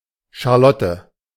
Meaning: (proper noun) 1. a female given name from French; variant forms Lotte, Lieselotte, Liselotte 2. The digraph ⟨Ch⟩ in the German spelling alphabet
- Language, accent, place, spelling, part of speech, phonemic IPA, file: German, Germany, Berlin, Charlotte, proper noun / noun, /ʃaʁˈlɔtə/, De-Charlotte.ogg